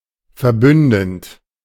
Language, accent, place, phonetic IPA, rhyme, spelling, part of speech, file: German, Germany, Berlin, [fɛɐ̯ˈbʏndn̩t], -ʏndn̩t, verbündend, verb, De-verbündend.ogg
- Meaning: present participle of verbünden